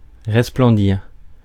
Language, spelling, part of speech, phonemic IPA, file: French, resplendir, verb, /ʁɛs.plɑ̃.diʁ/, Fr-resplendir.ogg
- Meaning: to glimmer, gleam, beam, sparkle